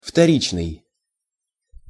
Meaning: 1. secondary 2. second, repeated
- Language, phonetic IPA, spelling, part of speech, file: Russian, [ftɐˈrʲit͡ɕnɨj], вторичный, adjective, Ru-вторичный.ogg